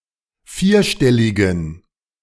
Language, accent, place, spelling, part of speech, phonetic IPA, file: German, Germany, Berlin, vierstelligen, adjective, [ˈfiːɐ̯ˌʃtɛlɪɡn̩], De-vierstelligen.ogg
- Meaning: inflection of vierstellig: 1. strong genitive masculine/neuter singular 2. weak/mixed genitive/dative all-gender singular 3. strong/weak/mixed accusative masculine singular 4. strong dative plural